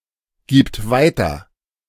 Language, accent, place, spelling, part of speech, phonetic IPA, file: German, Germany, Berlin, gibt weiter, verb, [ˌɡiːpt ˈvaɪ̯tɐ], De-gibt weiter.ogg
- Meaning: third-person singular present of weitergeben